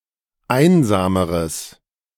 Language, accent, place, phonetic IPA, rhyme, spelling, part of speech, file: German, Germany, Berlin, [ˈaɪ̯nzaːməʁəs], -aɪ̯nzaːməʁəs, einsameres, adjective, De-einsameres.ogg
- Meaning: strong/mixed nominative/accusative neuter singular comparative degree of einsam